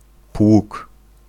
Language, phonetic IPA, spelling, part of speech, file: Polish, [pwuk], pług, noun, Pl-pług.ogg